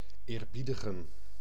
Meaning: to respect, honor
- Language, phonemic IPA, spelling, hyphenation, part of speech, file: Dutch, /ˌeːrˈbi.də.ɣə(n)/, eerbiedigen, eer‧bie‧di‧gen, verb, Nl-eerbiedigen.ogg